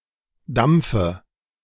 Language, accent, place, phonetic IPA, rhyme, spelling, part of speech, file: German, Germany, Berlin, [ˈdamp͡fə], -amp͡fə, dampfe, verb, De-dampfe.ogg
- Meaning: inflection of dampfen: 1. first-person singular present 2. first/third-person singular subjunctive I 3. singular imperative